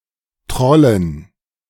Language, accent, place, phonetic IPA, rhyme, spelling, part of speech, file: German, Germany, Berlin, [ˈtʁɔlən], -ɔlən, Trollen, noun, De-Trollen.ogg
- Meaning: dative plural of Troll